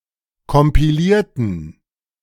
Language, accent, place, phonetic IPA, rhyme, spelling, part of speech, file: German, Germany, Berlin, [kɔmpiˈliːɐ̯tn̩], -iːɐ̯tn̩, kompilierten, adjective / verb, De-kompilierten.ogg
- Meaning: inflection of kompilieren: 1. first/third-person plural preterite 2. first/third-person plural subjunctive II